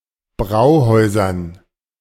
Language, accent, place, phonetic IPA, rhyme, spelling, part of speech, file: German, Germany, Berlin, [ˈbʁaʊ̯ˌhɔɪ̯zɐn], -aʊ̯hɔɪ̯zɐn, Brauhäusern, noun, De-Brauhäusern.ogg
- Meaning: dative plural of Brauhaus